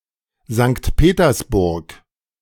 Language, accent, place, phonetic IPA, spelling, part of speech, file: German, Germany, Berlin, [zaŋkt ˈpeːtɐsˌbʊʁk], Sankt Petersburg, proper noun, De-Sankt Petersburg.ogg
- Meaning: Saint Petersburg (a federal city of Russia, known between 1914 and 1924 as Petrograd and between 1924 and 1991 as Leningrad; the former capital of Russia, from 1713–1728 and 1732–1918)